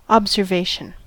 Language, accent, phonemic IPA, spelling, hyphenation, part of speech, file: English, US, /ˌɑbzɚˈveɪʃn̩/, observation, ob‧ser‧va‧tion, noun, En-us-observation.ogg
- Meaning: 1. The act of observing, and the fact of being observed (see observance) 2. The act of noting and recording some event; or the record of such noting 3. A remark or comment